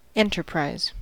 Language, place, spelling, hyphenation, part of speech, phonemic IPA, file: English, California, enterprise, en‧ter‧prise, noun / verb, /ˈɛntɚˌpɹaɪz/, En-us-enterprise.ogg
- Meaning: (noun) 1. A company, business, organization, or other purposeful endeavor 2. An undertaking, venture, or project, especially a daring and courageous one